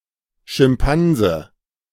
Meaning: chimpanzee
- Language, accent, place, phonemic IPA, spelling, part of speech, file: German, Germany, Berlin, /ʃɪmˈpanzə/, Schimpanse, noun, De-Schimpanse.ogg